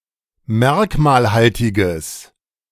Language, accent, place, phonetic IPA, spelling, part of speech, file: German, Germany, Berlin, [ˈmɛʁkmaːlˌhaltɪɡəs], merkmalhaltiges, adjective, De-merkmalhaltiges.ogg
- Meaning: strong/mixed nominative/accusative neuter singular of merkmalhaltig